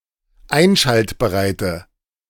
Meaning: inflection of einschaltbereit: 1. strong/mixed nominative/accusative feminine singular 2. strong nominative/accusative plural 3. weak nominative all-gender singular
- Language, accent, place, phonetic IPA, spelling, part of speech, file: German, Germany, Berlin, [ˈaɪ̯nʃaltbəʁaɪ̯tə], einschaltbereite, adjective, De-einschaltbereite.ogg